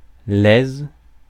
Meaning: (noun) 1. satisfaction 2. joy 3. ease, facility, absence of effort; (adjective) joyous, glad
- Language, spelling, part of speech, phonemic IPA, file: French, aise, noun / adjective, /ɛz/, Fr-aise.ogg